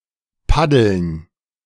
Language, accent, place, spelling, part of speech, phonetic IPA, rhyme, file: German, Germany, Berlin, Paddeln, noun, [ˈpadl̩n], -adl̩n, De-Paddeln.ogg
- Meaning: dative plural of Paddel